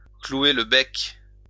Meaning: to shut (someone) up
- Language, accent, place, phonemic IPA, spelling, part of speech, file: French, France, Lyon, /klu.e l(ə) bɛk/, clouer le bec, verb, LL-Q150 (fra)-clouer le bec.wav